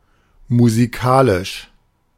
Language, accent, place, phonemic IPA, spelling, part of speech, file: German, Germany, Berlin, /muziˈkaːlɪʃ/, musikalisch, adjective, De-musikalisch.ogg
- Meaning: musical